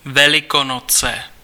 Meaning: Easter
- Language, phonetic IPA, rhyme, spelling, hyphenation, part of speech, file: Czech, [ˈvɛlɪkonot͡sɛ], -otsɛ, Velikonoce, Ve‧li‧ko‧no‧ce, proper noun, Cs-Velikonoce.ogg